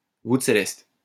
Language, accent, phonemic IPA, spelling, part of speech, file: French, France, /vut se.lɛst/, voûte céleste, noun, LL-Q150 (fra)-voûte céleste.wav
- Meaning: welkin, vault of heaven, canopy of heaven, celestial vault, sky, heavens